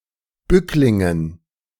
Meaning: dative plural of Bückling
- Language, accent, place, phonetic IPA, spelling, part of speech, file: German, Germany, Berlin, [ˈbʏklɪŋən], Bücklingen, noun, De-Bücklingen.ogg